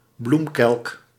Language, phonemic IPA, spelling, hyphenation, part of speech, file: Dutch, /ˈblum.kɛlk/, bloemkelk, bloem‧kelk, noun, Nl-bloemkelk.ogg
- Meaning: a calyx (outermost whorl of flower parts)